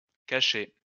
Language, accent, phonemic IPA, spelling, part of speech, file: French, France, /ka.ʃe/, cachés, verb, LL-Q150 (fra)-cachés.wav
- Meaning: masculine plural of caché